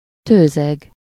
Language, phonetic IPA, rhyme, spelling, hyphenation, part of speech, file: Hungarian, [ˈtøːzɛɡ], -ɛɡ, tőzeg, tő‧zeg, noun, Hu-tőzeg.ogg
- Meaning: peat